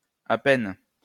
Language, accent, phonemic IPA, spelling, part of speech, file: French, France, /a pɛn/, à peine, adverb, LL-Q150 (fra)-à peine.wav
- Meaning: barely, scarcely, hardly